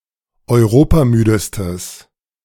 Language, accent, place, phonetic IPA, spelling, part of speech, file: German, Germany, Berlin, [ɔɪ̯ˈʁoːpaˌmyːdəstəs], europamüdestes, adjective, De-europamüdestes.ogg
- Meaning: strong/mixed nominative/accusative neuter singular superlative degree of europamüde